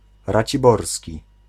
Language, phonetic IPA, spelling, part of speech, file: Polish, [ˌrat͡ɕiˈbɔrsʲci], raciborski, adjective, Pl-raciborski.ogg